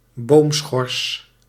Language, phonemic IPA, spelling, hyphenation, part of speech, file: Dutch, /ˈboːm.sxɔrs/, boomschors, boom‧schors, noun, Nl-boomschors.ogg
- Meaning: tree bark